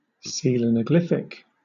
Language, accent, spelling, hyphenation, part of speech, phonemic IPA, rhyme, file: English, Southern England, coelanaglyphic, coel‧a‧na‧glyph‧ic, adjective, /ˌsiːlænəˈɡlɪfɪk/, -ɪfɪk, LL-Q1860 (eng)-coelanaglyphic.wav
- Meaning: In the form of cavo-rilievo (“sculpture in relief within a sinking made for the purpose, so no part of it projects beyond the surrounding surface”)